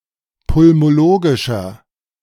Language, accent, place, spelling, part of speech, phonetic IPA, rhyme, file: German, Germany, Berlin, pulmologischer, adjective, [pʊlmoˈloːɡɪʃɐ], -oːɡɪʃɐ, De-pulmologischer.ogg
- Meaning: inflection of pulmologisch: 1. strong/mixed nominative masculine singular 2. strong genitive/dative feminine singular 3. strong genitive plural